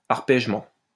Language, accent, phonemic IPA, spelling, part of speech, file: French, France, /aʁ.pɛʒ.mɑ̃/, arpègement, noun, LL-Q150 (fra)-arpègement.wav
- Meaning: arpeggiation, the playing of an arpeggio